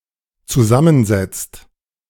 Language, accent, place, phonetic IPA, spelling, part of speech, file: German, Germany, Berlin, [t͡suˈzamənˌzɛt͡st], zusammensetzt, verb, De-zusammensetzt.ogg
- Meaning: past participle of zusammensetzen